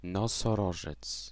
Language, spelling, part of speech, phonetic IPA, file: Polish, nosorożec, noun, [ˌnɔsɔˈrɔʒɛt͡s], Pl-nosorożec.ogg